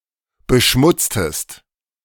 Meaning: inflection of beschmutzen: 1. second-person singular preterite 2. second-person singular subjunctive II
- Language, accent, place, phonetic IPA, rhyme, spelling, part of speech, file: German, Germany, Berlin, [bəˈʃmʊt͡stəst], -ʊt͡stəst, beschmutztest, verb, De-beschmutztest.ogg